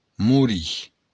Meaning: to die
- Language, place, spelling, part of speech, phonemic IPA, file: Occitan, Béarn, morir, verb, /muˈɾi/, LL-Q14185 (oci)-morir.wav